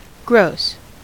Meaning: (adjective) 1. remarkably great, big, vast in an often unpleasant way; (of behaviour) Highly or conspicuously offensive 2. Excluding any deductions; including all associated amounts
- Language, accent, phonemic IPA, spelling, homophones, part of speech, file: English, US, /ɡɹoʊs/, gross, Gross, adjective / noun / verb, En-us-gross.ogg